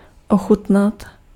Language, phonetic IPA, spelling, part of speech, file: Czech, [ˈoxutnat], ochutnat, verb, Cs-ochutnat.ogg
- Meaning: to taste (to sample the flavor of something orally)